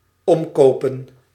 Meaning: to bribe, buy off
- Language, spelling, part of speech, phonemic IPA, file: Dutch, omkopen, verb, /ˈɔm.koː.pə(n)/, Nl-omkopen.ogg